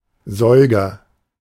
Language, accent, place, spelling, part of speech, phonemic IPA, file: German, Germany, Berlin, Säuger, noun, /ˈzɔʏɡɐ/, De-Säuger.ogg
- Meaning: mammal